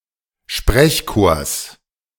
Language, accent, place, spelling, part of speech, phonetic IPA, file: German, Germany, Berlin, Sprechchors, noun, [ˈʃpʁɛçˌkoːɐ̯s], De-Sprechchors.ogg
- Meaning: genitive of Sprechchor